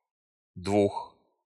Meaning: inflection of два (dva): 1. genitive/prepositional plural 2. animate accusative plural
- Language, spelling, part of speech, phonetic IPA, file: Russian, двух, numeral, [ˈdvux], Ru-двух.ogg